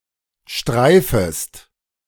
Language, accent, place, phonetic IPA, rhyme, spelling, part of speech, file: German, Germany, Berlin, [ˈʃtʁaɪ̯fəst], -aɪ̯fəst, streifest, verb, De-streifest.ogg
- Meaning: second-person singular subjunctive I of streifen